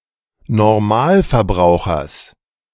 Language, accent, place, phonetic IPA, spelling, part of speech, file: German, Germany, Berlin, [nɔʁˈmaːlfɛɐ̯ˌbʁaʊ̯xɐs], Normalverbrauchers, noun, De-Normalverbrauchers.ogg
- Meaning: genitive singular of Normalverbraucher